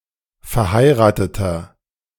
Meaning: inflection of verheiratet: 1. strong/mixed nominative masculine singular 2. strong genitive/dative feminine singular 3. strong genitive plural
- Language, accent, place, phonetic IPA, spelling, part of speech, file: German, Germany, Berlin, [fɛɐ̯ˈhaɪ̯ʁaːtətɐ], verheirateter, adjective, De-verheirateter.ogg